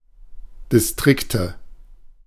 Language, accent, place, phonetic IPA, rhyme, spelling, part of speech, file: German, Germany, Berlin, [dɪsˈtʁɪktə], -ɪktə, Distrikte, noun, De-Distrikte.ogg
- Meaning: nominative/accusative/genitive plural of Distrikt